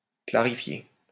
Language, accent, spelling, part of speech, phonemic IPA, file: French, France, clarifier, verb, /kla.ʁi.fje/, LL-Q150 (fra)-clarifier.wav
- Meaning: to clarify